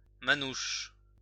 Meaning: gypsy, Roma, Romani
- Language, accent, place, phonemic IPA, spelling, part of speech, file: French, France, Lyon, /ma.nuʃ/, manouche, noun, LL-Q150 (fra)-manouche.wav